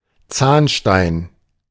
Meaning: calculus, dental calculus, tartar, odontolith
- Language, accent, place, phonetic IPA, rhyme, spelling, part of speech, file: German, Germany, Berlin, [ˈt͡saːnˌʃtaɪ̯n], -aːnʃtaɪ̯n, Zahnstein, noun, De-Zahnstein.ogg